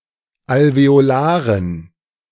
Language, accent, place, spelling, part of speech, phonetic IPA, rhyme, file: German, Germany, Berlin, alveolaren, adjective, [alveoˈlaːʁən], -aːʁən, De-alveolaren.ogg
- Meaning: inflection of alveolar: 1. strong genitive masculine/neuter singular 2. weak/mixed genitive/dative all-gender singular 3. strong/weak/mixed accusative masculine singular 4. strong dative plural